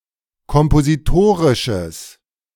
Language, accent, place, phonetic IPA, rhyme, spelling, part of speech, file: German, Germany, Berlin, [kɔmpoziˈtoːʁɪʃəs], -oːʁɪʃəs, kompositorisches, adjective, De-kompositorisches.ogg
- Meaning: strong/mixed nominative/accusative neuter singular of kompositorisch